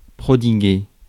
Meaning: to dispense, to lavish (something on someone)
- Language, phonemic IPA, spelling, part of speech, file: French, /pʁɔ.di.ɡe/, prodiguer, verb, Fr-prodiguer.ogg